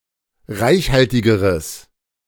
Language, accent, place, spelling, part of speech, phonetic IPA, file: German, Germany, Berlin, reichhaltigeres, adjective, [ˈʁaɪ̯çˌhaltɪɡəʁəs], De-reichhaltigeres.ogg
- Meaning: strong/mixed nominative/accusative neuter singular comparative degree of reichhaltig